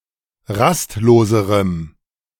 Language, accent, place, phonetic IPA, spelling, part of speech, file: German, Germany, Berlin, [ˈʁastˌloːzəʁəm], rastloserem, adjective, De-rastloserem.ogg
- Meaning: strong dative masculine/neuter singular comparative degree of rastlos